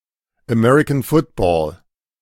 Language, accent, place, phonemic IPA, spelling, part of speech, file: German, Germany, Berlin, /əˈmɛʁɪkən ˈfʊtbɔ(ː)l/, American Football, noun, De-American Football.ogg
- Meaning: the game of American football